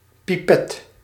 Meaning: a pipette
- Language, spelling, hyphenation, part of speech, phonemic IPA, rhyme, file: Dutch, pipet, pi‧pet, noun, /piˈpɛt/, -ɛt, Nl-pipet.ogg